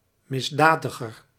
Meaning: comparative degree of misdadig
- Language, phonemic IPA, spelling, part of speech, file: Dutch, /mɪsˈdaːdəɣər/, misdadiger, adjective, Nl-misdadiger2.ogg